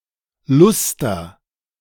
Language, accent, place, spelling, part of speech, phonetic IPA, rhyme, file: German, Germany, Berlin, Luster, noun, [ˈlʊstɐ], -ʊstɐ, De-Luster.ogg
- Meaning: alternative form of Lüster (“chandelier; metallic coating”)